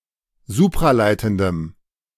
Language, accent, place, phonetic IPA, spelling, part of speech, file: German, Germany, Berlin, [ˈzuːpʁaˌlaɪ̯tn̩dəm], supraleitendem, adjective, De-supraleitendem.ogg
- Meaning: strong dative masculine/neuter singular of supraleitend